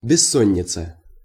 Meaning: insomnia, sleeplessness
- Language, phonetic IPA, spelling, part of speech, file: Russian, [bʲɪˈsːonʲɪt͡sə], бессонница, noun, Ru-бессонница.ogg